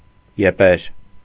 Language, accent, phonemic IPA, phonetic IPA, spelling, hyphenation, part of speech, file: Armenian, Eastern Armenian, /jeˈpeɾ/, [jepéɾ], եպեր, ե‧պեր, noun, Hy-եպեր.ogg
- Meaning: blame, reprehension, reproach